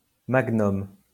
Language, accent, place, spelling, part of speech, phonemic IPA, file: French, France, Lyon, magnum, noun, /maɡ.nɔm/, LL-Q150 (fra)-magnum.wav
- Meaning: a bottle of wine containing 1.5 liters of fluid, double the volume of a standard bottle